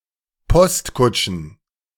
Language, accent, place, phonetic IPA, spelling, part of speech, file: German, Germany, Berlin, [ˈpɔstˌkʊt͡ʃn̩], Postkutschen, noun, De-Postkutschen.ogg
- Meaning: plural of Postkutsche